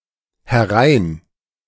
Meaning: in (in the direction of the speaker)
- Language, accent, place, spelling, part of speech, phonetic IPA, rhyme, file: German, Germany, Berlin, herein, adverb, [hɛˈʁaɪ̯n], -aɪ̯n, De-herein.ogg